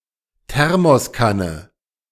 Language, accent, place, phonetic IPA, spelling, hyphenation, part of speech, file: German, Germany, Berlin, [ˈtɛʁmɔsˌkanə], Thermoskanne, Ther‧mos‧kan‧ne, noun, De-Thermoskanne.ogg
- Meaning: thermos